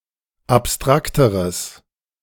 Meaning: strong/mixed nominative/accusative neuter singular comparative degree of abstrakt
- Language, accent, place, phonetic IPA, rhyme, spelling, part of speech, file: German, Germany, Berlin, [apˈstʁaktəʁəs], -aktəʁəs, abstrakteres, adjective, De-abstrakteres.ogg